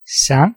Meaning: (noun) 1. song 2. singing; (verb) past of synge
- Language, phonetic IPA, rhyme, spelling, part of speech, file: Danish, [sɑŋˀ], -ɑŋˀ, sang, noun / verb, Da-sang.ogg